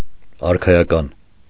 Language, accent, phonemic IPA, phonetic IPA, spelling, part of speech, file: Armenian, Eastern Armenian, /ɑɾkʰɑjɑˈkɑn/, [ɑɾkʰɑjɑkɑ́n], արքայական, adjective, Hy-արքայական.ogg
- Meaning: royal